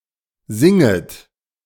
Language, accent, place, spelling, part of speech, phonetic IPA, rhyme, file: German, Germany, Berlin, singet, verb, [ˈzɪŋət], -ɪŋət, De-singet.ogg
- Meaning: second-person plural subjunctive I of singen